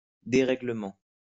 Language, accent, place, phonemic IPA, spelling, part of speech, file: French, France, Lyon, /de.ʁe.ɡle.mɑ̃/, déréglément, adverb, LL-Q150 (fra)-déréglément.wav
- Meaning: 1. derangedly 2. wonkily